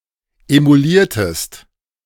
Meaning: inflection of emulieren: 1. second-person singular preterite 2. second-person singular subjunctive II
- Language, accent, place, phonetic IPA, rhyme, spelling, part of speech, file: German, Germany, Berlin, [emuˈliːɐ̯təst], -iːɐ̯təst, emuliertest, verb, De-emuliertest.ogg